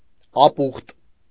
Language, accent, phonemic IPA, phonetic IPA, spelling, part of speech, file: Armenian, Eastern Armenian, /ɑˈpuχt/, [ɑpúχt], ապուխտ, noun, Hy-ապուխտ.ogg
- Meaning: 1. salted and smoked meat cuts 2. ham 3. pastirma